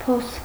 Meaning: hole, pit, hollow
- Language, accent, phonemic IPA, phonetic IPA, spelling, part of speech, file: Armenian, Eastern Armenian, /pʰos/, [pʰos], փոս, noun, Hy-փոս.ogg